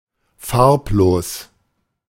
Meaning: 1. colorless / colourless, pallid 2. lacklustre
- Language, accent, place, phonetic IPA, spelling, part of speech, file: German, Germany, Berlin, [ˈfaʁpˌloːs], farblos, adjective, De-farblos.ogg